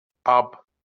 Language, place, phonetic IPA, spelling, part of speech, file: Azerbaijani, Baku, [ɑb], ab, noun, LL-Q9292 (aze)-ab.wav
- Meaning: water